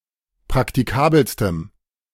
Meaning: strong dative masculine/neuter singular superlative degree of praktikabel
- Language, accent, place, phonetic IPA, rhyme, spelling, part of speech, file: German, Germany, Berlin, [pʁaktiˈkaːbl̩stəm], -aːbl̩stəm, praktikabelstem, adjective, De-praktikabelstem.ogg